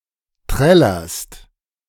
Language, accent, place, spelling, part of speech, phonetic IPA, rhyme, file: German, Germany, Berlin, trällerst, verb, [ˈtʁɛlɐst], -ɛlɐst, De-trällerst.ogg
- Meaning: second-person singular present of trällern